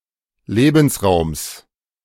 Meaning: genitive singular of Lebensraum
- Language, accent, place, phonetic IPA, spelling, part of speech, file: German, Germany, Berlin, [ˈleːbn̩sˌʁaʊ̯ms], Lebensraums, noun, De-Lebensraums.ogg